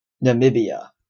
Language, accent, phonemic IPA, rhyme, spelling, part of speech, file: English, Canada, /nəˈmɪbi.ə/, -ɪbiə, Namibia, proper noun, En-ca-Namibia.oga
- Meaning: A country in Southern Africa. Official name: Republic of Namibia. Capital: Windhoek